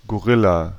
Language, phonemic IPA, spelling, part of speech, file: German, /ɡoˈʁɪla/, Gorilla, noun, De-Gorilla.ogg
- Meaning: gorilla